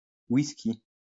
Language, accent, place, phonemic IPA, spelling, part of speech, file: French, France, Lyon, /wis.ki/, whiskey, noun, LL-Q150 (fra)-whiskey.wav
- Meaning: whiskey (drink)